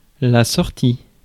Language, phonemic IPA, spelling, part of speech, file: French, /sɔʁ.ti/, sortie, noun / verb, Fr-sortie.ogg
- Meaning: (noun) 1. exit; way out 2. act of exiting 3. end; final part of 4. release (of a film, book, album etc) 5. outing; trip (lasting no longer than a day) 6. leave; sally; sortie 7. output; connector